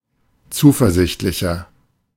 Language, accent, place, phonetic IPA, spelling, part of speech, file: German, Germany, Berlin, [ˈt͡suːfɛɐ̯ˌzɪçtlɪçɐ], zuversichtlicher, adjective, De-zuversichtlicher.ogg
- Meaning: 1. comparative degree of zuversichtlich 2. inflection of zuversichtlich: strong/mixed nominative masculine singular 3. inflection of zuversichtlich: strong genitive/dative feminine singular